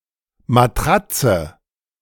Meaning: 1. mattress (a pad often of soft cushiony material for sleeping on) 2. clipping of Dorfmatratze: town bicycle
- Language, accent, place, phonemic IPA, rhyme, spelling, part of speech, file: German, Germany, Berlin, /maˈtʁat͡sə/, -atsə, Matratze, noun, De-Matratze.ogg